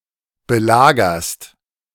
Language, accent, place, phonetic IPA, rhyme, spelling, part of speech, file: German, Germany, Berlin, [bəˈlaːɡɐst], -aːɡɐst, belagerst, verb, De-belagerst.ogg
- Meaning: second-person singular present of belagern